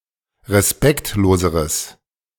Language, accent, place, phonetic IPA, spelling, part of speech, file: German, Germany, Berlin, [ʁeˈspɛktloːzəʁəs], respektloseres, adjective, De-respektloseres.ogg
- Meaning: strong/mixed nominative/accusative neuter singular comparative degree of respektlos